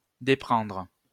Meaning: to abandon (especially a person)
- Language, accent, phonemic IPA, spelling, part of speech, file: French, France, /de.pʁɑ̃dʁ/, déprendre, verb, LL-Q150 (fra)-déprendre.wav